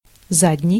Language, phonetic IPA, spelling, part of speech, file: Russian, [ˈzadʲnʲɪj], задний, adjective, Ru-задний.ogg
- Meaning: rear, back, hind